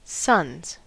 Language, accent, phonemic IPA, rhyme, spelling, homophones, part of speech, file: English, US, /sʌnz/, -ʌnz, sons, suns, noun, En-us-sons.ogg
- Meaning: plural of son